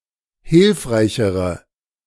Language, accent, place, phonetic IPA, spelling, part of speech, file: German, Germany, Berlin, [ˈhɪlfʁaɪ̯çəʁə], hilfreichere, adjective, De-hilfreichere.ogg
- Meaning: inflection of hilfreich: 1. strong/mixed nominative/accusative feminine singular comparative degree 2. strong nominative/accusative plural comparative degree